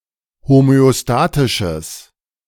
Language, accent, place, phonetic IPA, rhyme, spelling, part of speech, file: German, Germany, Berlin, [homøoˈstaːtɪʃəs], -aːtɪʃəs, homöostatisches, adjective, De-homöostatisches.ogg
- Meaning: strong/mixed nominative/accusative neuter singular of homöostatisch